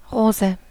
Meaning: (noun) 1. rose 2. The rose as used in heraldry, on a coat of arms 3. erysipelas; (proper noun) a female given name, variant of Rosa
- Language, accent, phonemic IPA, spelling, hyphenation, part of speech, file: German, Germany, /ˈʁoːzə/, Rose, Ro‧se, noun / proper noun, De-Rose.ogg